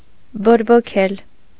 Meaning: 1. to set on fire, to kindle, to inflame 2. to fan the flame 3. to inflame, to foment, to rouse, to irritate 4. to inflame
- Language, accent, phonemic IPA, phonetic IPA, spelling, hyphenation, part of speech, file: Armenian, Eastern Armenian, /boɾboˈkʰel/, [boɾbokʰél], բորբոքել, բոր‧բո‧քել, verb, Hy-բորբոքել.ogg